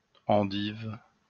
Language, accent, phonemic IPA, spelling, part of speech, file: French, France, /ɑ̃.div/, endive, noun, LL-Q150 (fra)-endive.wav
- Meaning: Belgian endive (edible chicory bud of Cichorium intybus)